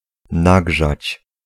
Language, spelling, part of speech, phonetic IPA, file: Polish, nagrzać, verb, [ˈnaɡʒat͡ɕ], Pl-nagrzać.ogg